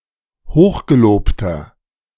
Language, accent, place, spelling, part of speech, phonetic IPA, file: German, Germany, Berlin, hochgelobter, adjective, [ˈhoːxɡeˌloːptɐ], De-hochgelobter.ogg
- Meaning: inflection of hochgelobt: 1. strong/mixed nominative masculine singular 2. strong genitive/dative feminine singular 3. strong genitive plural